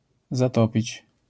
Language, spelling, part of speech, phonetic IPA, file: Polish, zatopić, verb, [zaˈtɔpʲit͡ɕ], LL-Q809 (pol)-zatopić.wav